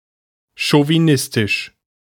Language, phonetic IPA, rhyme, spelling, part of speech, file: German, [ʃoviˈnɪstɪʃ], -ɪstɪʃ, chauvinistisch, adjective, De-chauvinistisch.ogg
- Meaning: chauvinist